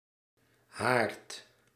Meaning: 1. a hearth 2. a fireplace 3. a place where a disease or disaster begins and spreads from
- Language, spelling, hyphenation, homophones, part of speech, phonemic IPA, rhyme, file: Dutch, haard, haard, haart / Haart, noun, /ɦaːrt/, -aːrt, Nl-haard.ogg